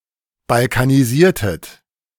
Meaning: inflection of balkanisieren: 1. second-person plural preterite 2. second-person plural subjunctive II
- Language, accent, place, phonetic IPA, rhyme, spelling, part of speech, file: German, Germany, Berlin, [balkaniˈziːɐ̯tət], -iːɐ̯tət, balkanisiertet, verb, De-balkanisiertet.ogg